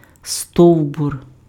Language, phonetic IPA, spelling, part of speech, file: Ukrainian, [ˈstɔu̯bʊr], стовбур, noun, Uk-стовбур.ogg
- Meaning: trunk, tree trunk